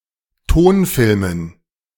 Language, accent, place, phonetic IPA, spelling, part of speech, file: German, Germany, Berlin, [ˈtoːnˌfɪlmən], Tonfilmen, noun, De-Tonfilmen.ogg
- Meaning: dative plural of Tonfilm